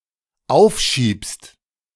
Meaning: second-person singular dependent present of aufschieben
- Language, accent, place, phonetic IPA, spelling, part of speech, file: German, Germany, Berlin, [ˈaʊ̯fˌʃiːpst], aufschiebst, verb, De-aufschiebst.ogg